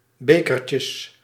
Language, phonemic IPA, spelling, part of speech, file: Dutch, /ˈbekərcəs/, bekertjes, noun, Nl-bekertjes.ogg
- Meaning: plural of bekertje